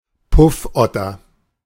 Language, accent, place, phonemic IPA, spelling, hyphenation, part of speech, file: German, Germany, Berlin, /ˈpʊfˌʔɔtɐ/, Puffotter, Puff‧ot‧ter, noun, De-Puffotter.ogg
- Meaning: puff adder